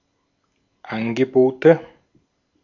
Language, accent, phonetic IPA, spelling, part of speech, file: German, Austria, [ˈanɡəˌboːtə], Angebote, noun, De-at-Angebote.ogg
- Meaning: nominative/accusative/genitive plural of Angebot